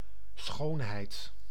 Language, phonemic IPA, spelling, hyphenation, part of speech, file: Dutch, /ˈsxoːn.ɦɛi̯t/, schoonheid, schoon‧heid, noun, Nl-schoonheid.ogg
- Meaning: 1. beauty 2. beautiful person or object